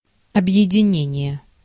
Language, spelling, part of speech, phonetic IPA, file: Russian, объединение, noun, [ɐbjɪdʲɪˈnʲenʲɪje], Ru-объединение.ogg
- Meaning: 1. association, union 2. unification 3. refers to a major combined field force such as a front or an army group